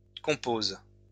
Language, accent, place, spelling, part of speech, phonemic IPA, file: French, France, Lyon, composes, verb, /kɔ̃.poz/, LL-Q150 (fra)-composes.wav
- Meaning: second-person singular present indicative/subjunctive of composer